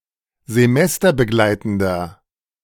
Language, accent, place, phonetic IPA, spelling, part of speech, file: German, Germany, Berlin, [zeˈmɛstɐbəˌɡlaɪ̯tn̩dɐ], semesterbegleitender, adjective, De-semesterbegleitender.ogg
- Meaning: inflection of semesterbegleitend: 1. strong/mixed nominative masculine singular 2. strong genitive/dative feminine singular 3. strong genitive plural